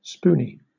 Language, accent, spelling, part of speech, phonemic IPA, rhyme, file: English, Southern England, spoony, adjective / noun, /ˈspuː.ni/, -uːni, LL-Q1860 (eng)-spoony.wav
- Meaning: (adjective) 1. Enamored in a silly or sentimental way; having a crush (on someone) 2. Feebly sentimental; gushy 3. Similar to a spoon; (noun) A foolish, simple, or silly person